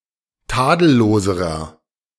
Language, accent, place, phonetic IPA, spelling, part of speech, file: German, Germany, Berlin, [ˈtaːdl̩ˌloːzəʁɐ], tadelloserer, adjective, De-tadelloserer.ogg
- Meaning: inflection of tadellos: 1. strong/mixed nominative masculine singular comparative degree 2. strong genitive/dative feminine singular comparative degree 3. strong genitive plural comparative degree